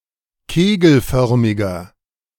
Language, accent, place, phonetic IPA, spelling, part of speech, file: German, Germany, Berlin, [ˈkeːɡl̩ˌfœʁmɪɡɐ], kegelförmiger, adjective, De-kegelförmiger.ogg
- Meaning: inflection of kegelförmig: 1. strong/mixed nominative masculine singular 2. strong genitive/dative feminine singular 3. strong genitive plural